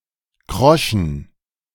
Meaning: inflection of krosch: 1. strong genitive masculine/neuter singular 2. weak/mixed genitive/dative all-gender singular 3. strong/weak/mixed accusative masculine singular 4. strong dative plural
- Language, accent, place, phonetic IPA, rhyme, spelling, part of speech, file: German, Germany, Berlin, [ˈkʁɔʃn̩], -ɔʃn̩, kroschen, adjective, De-kroschen.ogg